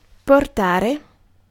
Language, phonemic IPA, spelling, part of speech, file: Italian, /porˈtare/, portare, verb, It-portare.ogg